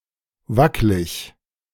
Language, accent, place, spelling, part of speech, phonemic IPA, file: German, Germany, Berlin, wacklig, adjective, /ˈvaklɪç/, De-wacklig.ogg
- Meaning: alternative form of wackelig